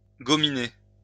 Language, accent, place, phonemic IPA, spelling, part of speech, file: French, France, Lyon, /ɡɔ.mi.ne/, gominer, verb, LL-Q150 (fra)-gominer.wav
- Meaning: to apply hair gel, to style one's hair